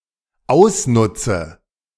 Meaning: inflection of ausnutzen: 1. first-person singular dependent present 2. first/third-person singular dependent subjunctive I
- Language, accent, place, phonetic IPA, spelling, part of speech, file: German, Germany, Berlin, [ˈaʊ̯sˌnʊt͡sə], ausnutze, verb, De-ausnutze.ogg